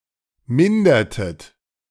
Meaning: inflection of mindern: 1. second-person plural preterite 2. second-person plural subjunctive II
- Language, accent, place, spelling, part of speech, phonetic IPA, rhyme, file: German, Germany, Berlin, mindertet, verb, [ˈmɪndɐtət], -ɪndɐtət, De-mindertet.ogg